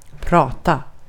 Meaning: to talk, to speak (informally)
- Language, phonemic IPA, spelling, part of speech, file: Swedish, /ˈprɑːˌta/, prata, verb, Sv-prata.ogg